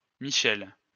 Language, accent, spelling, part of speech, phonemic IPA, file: French, France, Michelle, proper noun, /mi.ʃɛl/, LL-Q150 (fra)-Michelle.wav
- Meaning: a female given name, popular more recently in the 1940's, masculine equivalent Michel